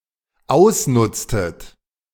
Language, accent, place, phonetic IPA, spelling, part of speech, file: German, Germany, Berlin, [ˈaʊ̯sˌnʊt͡stət], ausnutztet, verb, De-ausnutztet.ogg
- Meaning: inflection of ausnutzen: 1. second-person plural dependent preterite 2. second-person plural dependent subjunctive II